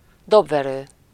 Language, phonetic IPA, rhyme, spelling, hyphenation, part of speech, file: Hungarian, [ˈdobvɛrøː], -røː, dobverő, dob‧ve‧rő, noun, Hu-dobverő.ogg
- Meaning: drumstick